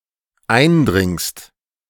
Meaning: second-person singular dependent present of eindringen
- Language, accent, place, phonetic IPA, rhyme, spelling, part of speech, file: German, Germany, Berlin, [ˈaɪ̯nˌdʁɪŋst], -aɪ̯ndʁɪŋst, eindringst, verb, De-eindringst.ogg